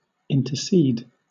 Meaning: 1. To plead on someone else's behalf 2. To act as a mediator in a dispute; to arbitrate or mediate 3. To pass between; to intervene
- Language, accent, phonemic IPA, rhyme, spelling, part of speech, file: English, Southern England, /ɪntə(ɹ)ˈsiːd/, -iːd, intercede, verb, LL-Q1860 (eng)-intercede.wav